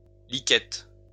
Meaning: shirt
- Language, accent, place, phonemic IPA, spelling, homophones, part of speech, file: French, France, Lyon, /li.kɛt/, liquette, liquettes, noun, LL-Q150 (fra)-liquette.wav